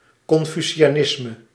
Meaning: Confucianism
- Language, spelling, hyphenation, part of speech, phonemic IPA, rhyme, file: Dutch, confucianisme, con‧fu‧ci‧a‧nis‧me, noun, /kɔn.fy.si.aːˈnɪs.mə/, -ɪsmə, Nl-confucianisme.ogg